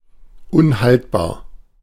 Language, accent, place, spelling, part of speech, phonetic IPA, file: German, Germany, Berlin, unhaltbar, adjective, [ʔʊn.halt.baː(ɐ̯)], De-unhaltbar.ogg
- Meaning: indefensible, untenable, unacceptable: 1. incapable of being held or justified 2. incapable of being accepted or maintained 3. incapable of being held on to or defended against the enemy